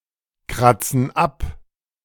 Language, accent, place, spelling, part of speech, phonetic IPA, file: German, Germany, Berlin, kratzen ab, verb, [ˌkʁat͡sn̩ ˈap], De-kratzen ab.ogg
- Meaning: inflection of abkratzen: 1. first/third-person plural present 2. first/third-person plural subjunctive I